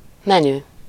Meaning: 1. set course, prix fixe, table d'hôte 2. menu (a bill of fare or a list of dishes offered in a restaurant)
- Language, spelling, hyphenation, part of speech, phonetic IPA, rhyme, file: Hungarian, menü, me‧nü, noun, [ˈmɛny], -ny, Hu-menü.ogg